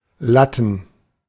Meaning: plural of Latte
- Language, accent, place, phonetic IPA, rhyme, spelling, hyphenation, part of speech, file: German, Germany, Berlin, [ˈlatn̩], -atn̩, Latten, Lat‧ten, noun, De-Latten.ogg